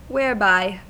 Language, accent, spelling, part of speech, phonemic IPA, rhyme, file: English, US, whereby, adverb, /wɛə(ɹ)ˈbaɪ/, -aɪ, En-us-whereby.ogg
- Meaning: 1. By what, in which direction; how 2. By which 3. Where, wherein, in which